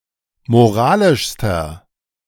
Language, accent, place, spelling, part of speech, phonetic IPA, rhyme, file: German, Germany, Berlin, moralischster, adjective, [moˈʁaːlɪʃstɐ], -aːlɪʃstɐ, De-moralischster.ogg
- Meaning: inflection of moralisch: 1. strong/mixed nominative masculine singular superlative degree 2. strong genitive/dative feminine singular superlative degree 3. strong genitive plural superlative degree